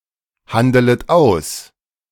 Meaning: second-person plural subjunctive I of aushandeln
- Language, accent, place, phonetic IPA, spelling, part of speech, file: German, Germany, Berlin, [ˌhandələt ˈaʊ̯s], handelet aus, verb, De-handelet aus.ogg